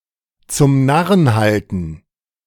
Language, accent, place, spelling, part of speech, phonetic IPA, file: German, Germany, Berlin, zum Narren halten, verb, [t͡sʊm ˈnaʁən ˈhaltn̩], De-zum Narren halten.ogg
- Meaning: to fool